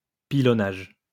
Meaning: 1. shelling, bombardment 2. pounding, crushing
- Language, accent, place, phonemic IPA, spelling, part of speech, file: French, France, Lyon, /pi.lɔ.naʒ/, pilonnage, noun, LL-Q150 (fra)-pilonnage.wav